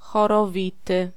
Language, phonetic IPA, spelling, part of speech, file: Polish, [ˌxɔrɔˈvʲitɨ], chorowity, adjective, Pl-chorowity.ogg